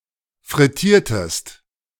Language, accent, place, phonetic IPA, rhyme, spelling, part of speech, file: German, Germany, Berlin, [fʁɪˈtiːɐ̯təst], -iːɐ̯təst, frittiertest, verb, De-frittiertest.ogg
- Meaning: inflection of frittieren: 1. second-person singular preterite 2. second-person singular subjunctive II